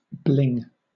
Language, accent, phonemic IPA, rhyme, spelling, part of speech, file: English, Southern England, /blɪŋ/, -ɪŋ, bling, noun, LL-Q1860 (eng)-bling.wav
- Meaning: 1. An ostentatious display of richness or style 2. Alternative form of bling bling